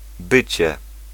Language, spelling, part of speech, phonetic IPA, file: Polish, bycie, noun, [ˈbɨt͡ɕɛ], Pl-bycie.ogg